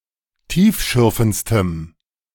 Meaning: strong dative masculine/neuter singular superlative degree of tiefschürfend
- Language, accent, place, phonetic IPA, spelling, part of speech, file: German, Germany, Berlin, [ˈtiːfˌʃʏʁfn̩t͡stəm], tiefschürfendstem, adjective, De-tiefschürfendstem.ogg